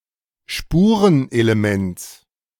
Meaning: genitive singular of Spurenelement
- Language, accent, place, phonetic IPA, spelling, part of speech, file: German, Germany, Berlin, [ˈʃpuːʁənʔeleˈmɛnts], Spurenelements, noun, De-Spurenelements.ogg